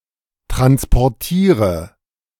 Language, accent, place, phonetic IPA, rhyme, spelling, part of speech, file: German, Germany, Berlin, [ˌtʁanspɔʁˈtiːʁə], -iːʁə, transportiere, verb, De-transportiere.ogg
- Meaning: inflection of transportieren: 1. first-person singular present 2. first/third-person singular subjunctive I 3. singular imperative